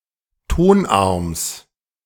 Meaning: genitive singular of Tonarm
- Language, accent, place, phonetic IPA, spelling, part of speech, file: German, Germany, Berlin, [ˈtonˌʔaʁms], Tonarms, noun, De-Tonarms.ogg